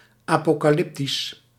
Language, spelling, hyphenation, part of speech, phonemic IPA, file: Dutch, apocalyptisch, apo‧ca‧lyp‧tisch, adjective, /ˌaː.poː.kaːˈlɪp.tis/, Nl-apocalyptisch.ogg
- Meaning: 1. apocalyptic (pertaining to the Book of Revelations or the religious genre in general) 2. apocalyptic (pertaining to a future cataclysm)